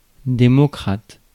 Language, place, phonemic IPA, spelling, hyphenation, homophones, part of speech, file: French, Paris, /de.mɔ.kʁat/, démocrate, dé‧mo‧crate, démocrates, noun / adjective, Fr-démocrate.ogg
- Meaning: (noun) democrat; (adjective) democratic